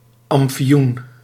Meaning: opium
- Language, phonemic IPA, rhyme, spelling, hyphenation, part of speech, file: Dutch, /ˌɑm.fiˈun/, -un, amfioen, am‧fi‧oen, noun, Nl-amfioen.ogg